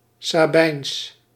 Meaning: Sabinian, Sabine
- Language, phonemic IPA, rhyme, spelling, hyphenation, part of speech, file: Dutch, /saːˈbɛi̯ns/, -ɛi̯ns, Sabijns, Sa‧bijns, adjective, Nl-Sabijns.ogg